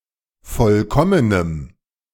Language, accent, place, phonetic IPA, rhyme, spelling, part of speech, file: German, Germany, Berlin, [ˈfɔlkɔmənəm], -ɔmənəm, vollkommenem, adjective, De-vollkommenem.ogg
- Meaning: strong dative masculine/neuter singular of vollkommen